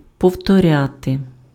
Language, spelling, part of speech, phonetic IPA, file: Ukrainian, повторяти, verb, [pɔu̯tɔˈrʲate], Uk-повторяти.ogg
- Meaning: 1. to repeat (do again) 2. to repeat, to reiterate (say again)